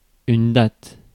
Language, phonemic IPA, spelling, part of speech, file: French, /dat/, datte, noun, Fr-datte.ogg
- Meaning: date (fruit)